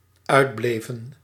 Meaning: inflection of uitblijven: 1. plural dependent-clause past indicative 2. plural dependent-clause past subjunctive
- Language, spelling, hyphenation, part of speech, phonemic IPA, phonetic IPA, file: Dutch, uitbleven, uit‧ble‧ven, verb, /ˈœy̯dˌbleː.və(n)/, [ˈœːdˌbleː.və(n)], Nl-uitbleven.ogg